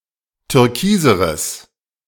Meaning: strong/mixed nominative/accusative neuter singular comparative degree of türkis
- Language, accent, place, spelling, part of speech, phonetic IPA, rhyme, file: German, Germany, Berlin, türkiseres, adjective, [tʏʁˈkiːzəʁəs], -iːzəʁəs, De-türkiseres.ogg